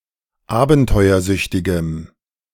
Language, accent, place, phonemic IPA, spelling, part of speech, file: German, Germany, Berlin, /ˈaːbn̩tɔɪ̯ɐˌzʏçtɪɡəm/, abenteuersüchtigem, adjective, De-abenteuersüchtigem.ogg
- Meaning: strong dative masculine/neuter singular of abenteuersüchtig